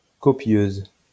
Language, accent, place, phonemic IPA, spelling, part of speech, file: French, France, Lyon, /kɔ.pjøz/, copieuse, adjective, LL-Q150 (fra)-copieuse.wav
- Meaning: feminine singular of copieux